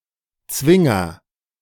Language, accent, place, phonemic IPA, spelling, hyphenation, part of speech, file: German, Germany, Berlin, /ˈt͡svɪŋɐ/, Zwinger, Zwin‧ger, noun, De-Zwinger.ogg
- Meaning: 1. courtyard 2. kennel